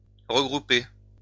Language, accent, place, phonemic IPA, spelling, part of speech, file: French, France, Lyon, /ʁə.ɡʁu.pe/, regrouper, verb, LL-Q150 (fra)-regrouper.wav
- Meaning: 1. to regroup 2. to group together